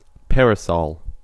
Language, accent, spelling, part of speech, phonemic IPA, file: English, US, parasol, noun / verb, /ˈpɛɹəˌsɑl/, En-us-parasol.ogg
- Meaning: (noun) 1. A small light umbrella used as protection from the sun 2. A miniature paper umbrella used as a decoration in tropical-themed cocktails